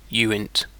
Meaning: Abbreviation of unsigned integer
- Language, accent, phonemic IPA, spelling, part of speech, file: English, UK, /ˈjuːɪnt/, uint, noun, En-uk-uint.ogg